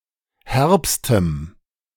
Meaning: strong dative masculine/neuter singular superlative degree of herb
- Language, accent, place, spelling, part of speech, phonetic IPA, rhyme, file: German, Germany, Berlin, herbstem, adjective, [ˈhɛʁpstəm], -ɛʁpstəm, De-herbstem.ogg